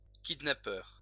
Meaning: kidnapper
- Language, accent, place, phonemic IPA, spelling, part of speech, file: French, France, Lyon, /kid.na.pœʁ/, kidnappeur, noun, LL-Q150 (fra)-kidnappeur.wav